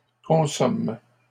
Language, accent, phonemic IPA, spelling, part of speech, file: French, Canada, /kɔ̃.sɔm/, consomment, verb, LL-Q150 (fra)-consomment.wav
- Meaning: third-person plural present indicative/subjunctive of consommer